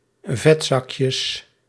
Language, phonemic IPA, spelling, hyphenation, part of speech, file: Dutch, /ˈvɛtzɑkjəs/, vetzakjes, vet‧zak‧jes, noun, Nl-vetzakjes.ogg
- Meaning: plural of vetzakje